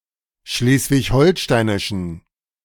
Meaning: inflection of schleswig-holsteinisch: 1. strong genitive masculine/neuter singular 2. weak/mixed genitive/dative all-gender singular 3. strong/weak/mixed accusative masculine singular
- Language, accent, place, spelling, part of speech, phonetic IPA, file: German, Germany, Berlin, schleswig-holsteinischen, adjective, [ˈʃleːsvɪçˈhɔlʃtaɪ̯nɪʃn̩], De-schleswig-holsteinischen.ogg